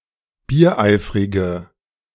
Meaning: inflection of biereifrig: 1. strong/mixed nominative/accusative feminine singular 2. strong nominative/accusative plural 3. weak nominative all-gender singular
- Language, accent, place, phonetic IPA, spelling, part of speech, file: German, Germany, Berlin, [biːɐ̯ˈʔaɪ̯fʁɪɡə], biereifrige, adjective, De-biereifrige.ogg